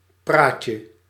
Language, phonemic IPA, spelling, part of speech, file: Dutch, /praːt.jə/, praatje, noun, Nl-praatje.ogg
- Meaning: 1. diminutive of praat 2. small talk, chitchat 3. precocious, haughty and/or pedantic talk; big talk